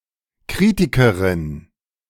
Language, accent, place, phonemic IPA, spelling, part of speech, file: German, Germany, Berlin, /ˈkʁiːtɪkɐʁɪn/, Kritikerin, noun, De-Kritikerin.ogg
- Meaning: female critic